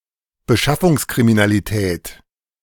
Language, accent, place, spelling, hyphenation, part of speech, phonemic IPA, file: German, Germany, Berlin, Beschaffungskriminalität, Be‧schaf‧fungs‧kri‧mi‧na‧li‧tät, noun, /bəˈʃafʊŋskʁiminaliˌtɛːt/, De-Beschaffungskriminalität.ogg
- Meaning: drug-related crime